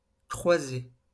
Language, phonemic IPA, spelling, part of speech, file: French, /kʁwa.ze/, croisée, noun / adjective, LL-Q150 (fra)-croisée.wav
- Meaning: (noun) 1. intersection 2. casement; muntin 3. window; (adjective) feminine singular of croisé